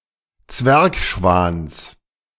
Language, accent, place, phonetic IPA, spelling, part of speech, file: German, Germany, Berlin, [ˈt͡svɛʁkˌʃvaːns], Zwergschwans, noun, De-Zwergschwans.ogg
- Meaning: genitive singular of Zwergschwan